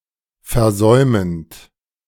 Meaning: present participle of versäumen
- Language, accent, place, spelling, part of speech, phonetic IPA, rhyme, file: German, Germany, Berlin, versäumend, verb, [fɛɐ̯ˈzɔɪ̯mənt], -ɔɪ̯mənt, De-versäumend.ogg